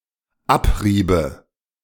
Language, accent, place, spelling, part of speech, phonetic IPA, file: German, Germany, Berlin, abrieben, verb, [ˈapˌʁiːbn̩], De-abrieben.ogg
- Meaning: inflection of abreiben: 1. first/third-person plural dependent preterite 2. first/third-person plural dependent subjunctive II